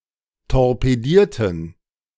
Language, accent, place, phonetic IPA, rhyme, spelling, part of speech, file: German, Germany, Berlin, [tɔʁpeˈdiːɐ̯tn̩], -iːɐ̯tn̩, torpedierten, adjective / verb, De-torpedierten.ogg
- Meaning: inflection of torpedieren: 1. first/third-person plural preterite 2. first/third-person plural subjunctive II